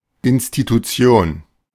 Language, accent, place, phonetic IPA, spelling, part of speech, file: German, Germany, Berlin, [ʔɪnstituˈtsi̯oːn], Institution, noun, De-Institution.ogg
- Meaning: institution